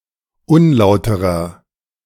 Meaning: 1. comparative degree of unlauter 2. inflection of unlauter: strong/mixed nominative masculine singular 3. inflection of unlauter: strong genitive/dative feminine singular
- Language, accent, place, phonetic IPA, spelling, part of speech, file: German, Germany, Berlin, [ˈʊnˌlaʊ̯təʁɐ], unlauterer, adjective, De-unlauterer.ogg